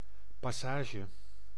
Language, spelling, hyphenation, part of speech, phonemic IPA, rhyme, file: Dutch, passage, pas‧sa‧ge, noun, /ˌpɑˈsaː.ʒə/, -aːʒə, Nl-passage.ogg
- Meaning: 1. a passage, a stage of a journey 2. a passageway, a corridor, a narrow route 3. a paragraph or section of text with particular meaning 4. a passage way in a city, especially a roofed shopping street